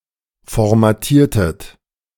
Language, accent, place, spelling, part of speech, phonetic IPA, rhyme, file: German, Germany, Berlin, formatiertet, verb, [fɔʁmaˈtiːɐ̯tət], -iːɐ̯tət, De-formatiertet.ogg
- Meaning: inflection of formatieren: 1. second-person plural preterite 2. second-person plural subjunctive II